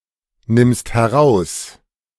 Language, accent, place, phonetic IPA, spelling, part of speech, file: German, Germany, Berlin, [ˌnɪmst hɛˈʁaʊ̯s], nimmst heraus, verb, De-nimmst heraus.ogg
- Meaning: second-person singular present of herausnehmen